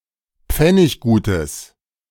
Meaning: strong/mixed nominative/accusative neuter singular of pfenniggut
- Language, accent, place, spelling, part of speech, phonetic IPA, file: German, Germany, Berlin, pfenniggutes, adjective, [ˈp͡fɛnɪçɡuːtəs], De-pfenniggutes.ogg